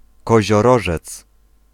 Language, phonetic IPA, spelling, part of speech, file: Polish, [ˌkɔʑɔˈrɔʒɛt͡s], Koziorożec, proper noun / noun, Pl-Koziorożec.ogg